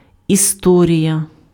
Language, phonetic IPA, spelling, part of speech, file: Ukrainian, [iˈstɔrʲijɐ], історія, noun, Uk-історія.ogg
- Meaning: 1. history 2. story 3. adventure, incident, event